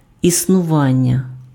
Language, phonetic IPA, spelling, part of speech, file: Ukrainian, [isnʊˈʋanʲːɐ], існування, noun, Uk-існування.ogg
- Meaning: existence